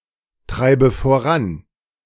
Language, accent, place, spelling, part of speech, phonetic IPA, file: German, Germany, Berlin, treibe voran, verb, [ˌtʁaɪ̯bə foˈʁan], De-treibe voran.ogg
- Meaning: inflection of vorantreiben: 1. first-person singular present 2. first/third-person singular subjunctive I 3. singular imperative